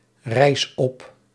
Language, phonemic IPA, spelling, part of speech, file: Dutch, /ˈrɛis ˈɔp/, rijs op, verb, Nl-rijs op.ogg
- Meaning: inflection of oprijzen: 1. first-person singular present indicative 2. second-person singular present indicative 3. imperative